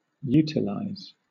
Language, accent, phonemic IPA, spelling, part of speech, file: English, Southern England, /ˈjuː.tɪ.laɪz/, utilize, verb, LL-Q1860 (eng)-utilize.wav
- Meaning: US, Canada, and Oxford British English standard spelling of utilise